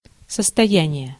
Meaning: 1. state, status, condition 2. fortune, capital, bankroll
- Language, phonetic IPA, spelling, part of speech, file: Russian, [səstɐˈjænʲɪje], состояние, noun, Ru-состояние.ogg